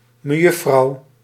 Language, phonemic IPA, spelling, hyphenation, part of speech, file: Dutch, /məˈjʏfrɑu/, mejuffrouw, me‧juf‧frouw, noun, Nl-mejuffrouw.ogg
- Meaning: Miss (title): 1. unmarried woman 2. female primary school teacher